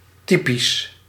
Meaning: typical
- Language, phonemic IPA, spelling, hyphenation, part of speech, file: Dutch, /ˈti.pis/, typisch, ty‧pisch, adjective, Nl-typisch.ogg